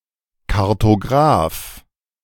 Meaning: cartographer (male or of unspecified gender)
- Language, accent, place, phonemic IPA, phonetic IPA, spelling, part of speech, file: German, Germany, Berlin, /kaʁtoˈɡʁaːf/, [kʰaʁtʰoˈɡʁaːf], Kartograf, noun, De-Kartograf.ogg